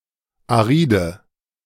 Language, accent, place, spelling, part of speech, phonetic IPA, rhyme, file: German, Germany, Berlin, aride, adjective, [aˈʁiːdə], -iːdə, De-aride.ogg
- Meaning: inflection of arid: 1. strong/mixed nominative/accusative feminine singular 2. strong nominative/accusative plural 3. weak nominative all-gender singular 4. weak accusative feminine/neuter singular